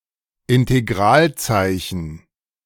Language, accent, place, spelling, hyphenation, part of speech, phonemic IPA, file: German, Germany, Berlin, Integralzeichen, In‧te‧g‧ral‧zei‧chen, noun, /ɪnteˈɡʁaːlˌt͡saɪ̯çn̩/, De-Integralzeichen.ogg
- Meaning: integral symbol (∫)